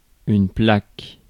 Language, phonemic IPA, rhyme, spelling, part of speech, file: French, /plak/, -ak, plaque, noun / verb, Fr-plaque.ogg
- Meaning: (noun) 1. sheet, plate (of metal) 2. slab (of marble) 3. plaque (bacteria on teeth) 4. plaque, slab (ornamental) 5. chip 6. plate 7. plate (especially a tectonic plate)